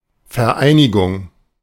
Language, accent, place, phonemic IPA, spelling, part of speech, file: German, Germany, Berlin, /fɛɐ̯ˈʔaɪ̯nɪɡʊŋ/, Vereinigung, noun, De-Vereinigung.ogg
- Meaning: 1. unification (act of unifying), joining 2. trade union 3. unity